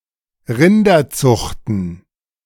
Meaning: plural of Rinderzucht
- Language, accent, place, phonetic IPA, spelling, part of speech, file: German, Germany, Berlin, [ˈʁɪndɐˌt͡sʊxtn̩], Rinderzuchten, noun, De-Rinderzuchten.ogg